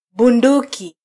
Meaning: gun (a handheld firearm)
- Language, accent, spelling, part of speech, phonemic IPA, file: Swahili, Kenya, bunduki, noun, /ɓuˈⁿdu.ki/, Sw-ke-bunduki.flac